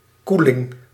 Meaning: 1. the action or process of refrigerating 2. a refrigerated room or section: a cold room 3. a refrigerated room or section: a refrigerated section or shelve in a grocery store or supermarket
- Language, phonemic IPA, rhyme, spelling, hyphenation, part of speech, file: Dutch, /ˈku.lɪŋ/, -ulɪŋ, koeling, koe‧ling, noun, Nl-koeling.ogg